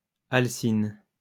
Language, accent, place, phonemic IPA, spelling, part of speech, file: French, France, Lyon, /al.sin/, alcyne, noun, LL-Q150 (fra)-alcyne.wav
- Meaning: alkyne